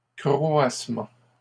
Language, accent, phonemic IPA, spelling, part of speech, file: French, Canada, /kʁɔ.as.mɑ̃/, croassement, noun, LL-Q150 (fra)-croassement.wav
- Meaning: 1. caw, squawk (cry of a crow) 2. croak (cry of a frog)